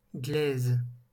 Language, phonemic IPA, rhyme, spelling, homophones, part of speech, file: French, /ɡlɛz/, -ɛz, glaise, glaisent / glaises, noun / verb, LL-Q150 (fra)-glaise.wav
- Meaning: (noun) 1. clay 2. earth; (verb) inflection of glaiser: 1. first/third-person singular present indicative/subjunctive 2. second-person singular imperative